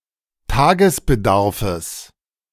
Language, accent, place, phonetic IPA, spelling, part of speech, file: German, Germany, Berlin, [ˈtaːɡəsbəˌdaʁfəs], Tagesbedarfes, noun, De-Tagesbedarfes.ogg
- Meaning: genitive singular of Tagesbedarf